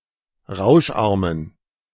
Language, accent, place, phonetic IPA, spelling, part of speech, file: German, Germany, Berlin, [ˈʁaʊ̯ʃˌʔaʁmən], rauscharmen, adjective, De-rauscharmen.ogg
- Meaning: inflection of rauscharm: 1. strong genitive masculine/neuter singular 2. weak/mixed genitive/dative all-gender singular 3. strong/weak/mixed accusative masculine singular 4. strong dative plural